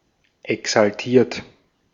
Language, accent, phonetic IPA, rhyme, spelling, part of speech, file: German, Austria, [ɛksalˈtiːɐ̯t], -iːɐ̯t, exaltiert, adjective / verb, De-at-exaltiert.ogg
- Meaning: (verb) past participle of exaltieren; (adjective) 1. agitated 2. eccentric